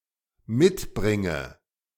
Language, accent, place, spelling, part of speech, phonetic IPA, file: German, Germany, Berlin, mitbringe, verb, [ˈmɪtˌbʁɪŋə], De-mitbringe.ogg
- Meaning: inflection of mitbringen: 1. first-person singular dependent present 2. first/third-person singular dependent subjunctive I